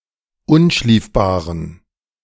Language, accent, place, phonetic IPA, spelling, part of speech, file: German, Germany, Berlin, [ˈʊnˌʃliːfbaːʁən], unschliefbaren, adjective, De-unschliefbaren.ogg
- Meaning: inflection of unschliefbar: 1. strong genitive masculine/neuter singular 2. weak/mixed genitive/dative all-gender singular 3. strong/weak/mixed accusative masculine singular 4. strong dative plural